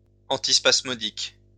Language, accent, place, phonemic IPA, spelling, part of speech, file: French, France, Lyon, /ɑ̃.tis.pas.mɔ.dik/, antispasmodique, adjective / noun, LL-Q150 (fra)-antispasmodique.wav
- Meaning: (adjective) antispasmodic